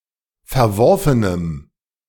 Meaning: strong dative masculine/neuter singular of verworfen
- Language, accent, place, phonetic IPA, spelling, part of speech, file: German, Germany, Berlin, [fɛɐ̯ˈvɔʁfənəm], verworfenem, adjective, De-verworfenem.ogg